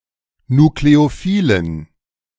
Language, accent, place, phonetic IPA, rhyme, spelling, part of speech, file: German, Germany, Berlin, [nukleoˈfiːlən], -iːlən, nukleophilen, adjective, De-nukleophilen.ogg
- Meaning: inflection of nukleophil: 1. strong genitive masculine/neuter singular 2. weak/mixed genitive/dative all-gender singular 3. strong/weak/mixed accusative masculine singular 4. strong dative plural